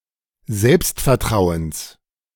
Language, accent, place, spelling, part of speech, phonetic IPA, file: German, Germany, Berlin, Selbstvertrauens, noun, [ˈzɛlpstfɛɐ̯ˌtʁaʊ̯əns], De-Selbstvertrauens.ogg
- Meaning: genitive singular of Selbstvertrauen